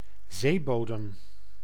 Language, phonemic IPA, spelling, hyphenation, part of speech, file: Dutch, /ˈzeːˌboː.dəm/, zeebodem, zee‧bo‧dem, noun, Nl-zeebodem.ogg
- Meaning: the bottom of the sea, seafloor, seabed